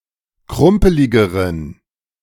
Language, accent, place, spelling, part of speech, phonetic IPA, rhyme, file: German, Germany, Berlin, krumpeligeren, adjective, [ˈkʁʊmpəlɪɡəʁən], -ʊmpəlɪɡəʁən, De-krumpeligeren.ogg
- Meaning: inflection of krumpelig: 1. strong genitive masculine/neuter singular comparative degree 2. weak/mixed genitive/dative all-gender singular comparative degree